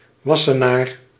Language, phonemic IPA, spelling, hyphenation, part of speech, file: Dutch, /ˈʋɑ.sə.naːr/, wassenaar, was‧se‧naar, noun, Nl-wassenaar.ogg
- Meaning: 1. crescent (incomplete lunar disk) 2. crescent (heraldic or other emblem, especially used by the Ottomans and Muslims in general)